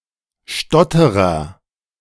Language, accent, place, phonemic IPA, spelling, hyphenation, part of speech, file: German, Germany, Berlin, /ˈʃtɔtəʁɐ/, Stotterer, Stot‧te‧rer, noun, De-Stotterer.ogg
- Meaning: stutterer